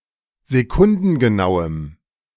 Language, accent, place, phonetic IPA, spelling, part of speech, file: German, Germany, Berlin, [zeˈkʊndn̩ɡəˌnaʊ̯əm], sekundengenauem, adjective, De-sekundengenauem.ogg
- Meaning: strong dative masculine/neuter singular of sekundengenau